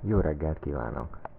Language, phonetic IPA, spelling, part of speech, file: Hungarian, [ˈjoːrɛɡːɛlt ˌkiːvaːnok], jó reggelt kívánok, phrase, Hu-jó reggelt kívánok.ogg
- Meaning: good morning